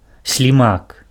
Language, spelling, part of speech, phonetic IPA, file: Belarusian, слімак, noun, [sʲlʲiˈmak], Be-слімак.ogg
- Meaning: 1. slug 2. snail 3. at sign, @